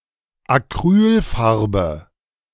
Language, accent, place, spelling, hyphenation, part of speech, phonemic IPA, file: German, Germany, Berlin, Acrylfarbe, Ac‧ryl‧far‧be, noun, /aˈkʁyːlˌfaʁbə/, De-Acrylfarbe.ogg
- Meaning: acrylic paint